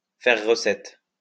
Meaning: to be a success and a source of revenue, to be popular and profitable
- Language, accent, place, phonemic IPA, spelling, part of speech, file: French, France, Lyon, /fɛʁ ʁə.sɛt/, faire recette, verb, LL-Q150 (fra)-faire recette.wav